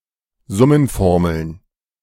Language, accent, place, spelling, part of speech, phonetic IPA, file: German, Germany, Berlin, Summenformeln, noun, [ˈzʊmənˌfɔʁml̩n], De-Summenformeln.ogg
- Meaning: plural of Summenformel